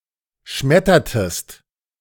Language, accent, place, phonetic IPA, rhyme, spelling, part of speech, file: German, Germany, Berlin, [ˈʃmɛtɐtəst], -ɛtɐtəst, schmettertest, verb, De-schmettertest.ogg
- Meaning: inflection of schmettern: 1. second-person singular preterite 2. second-person singular subjunctive II